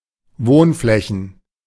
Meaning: plural of Wohnfläche
- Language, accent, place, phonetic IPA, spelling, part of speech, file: German, Germany, Berlin, [ˈvoːnˌflɛçn̩], Wohnflächen, noun, De-Wohnflächen.ogg